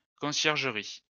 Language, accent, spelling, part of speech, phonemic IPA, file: French, France, conciergerie, noun, /kɔ̃.sjɛʁ.ʒə.ʁi/, LL-Q150 (fra)-conciergerie.wav
- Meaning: 1. the rank or status of a caretaker or doorkeeper 2. caretaker's or doorkeeper's lodge